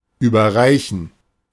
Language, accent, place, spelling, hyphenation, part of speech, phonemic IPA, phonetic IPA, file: German, Germany, Berlin, überreichen, über‧rei‧chen, verb, /ˌyːbɐˈʁaɪ̯çən/, [ˌyːbɐˈʁaɪ̯çn̩], De-überreichen.ogg
- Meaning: to hand something over, to present